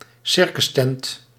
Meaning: circus tent
- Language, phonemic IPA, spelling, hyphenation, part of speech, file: Dutch, /ˈsɪr.kʏsˌtɛnt/, circustent, cir‧cus‧tent, noun, Nl-circustent.ogg